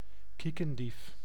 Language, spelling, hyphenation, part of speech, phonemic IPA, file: Dutch, kiekendief, kie‧ken‧dief, noun, /ˈki.kə(n)ˌdif/, Nl-kiekendief.ogg
- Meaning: 1. a harrier, predatory bird of the subfamily Circinae 2. a chicken thief, who steals fowl